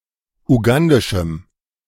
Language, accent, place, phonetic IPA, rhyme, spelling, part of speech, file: German, Germany, Berlin, [uˈɡandɪʃm̩], -andɪʃm̩, ugandischem, adjective, De-ugandischem.ogg
- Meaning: strong dative masculine/neuter singular of ugandisch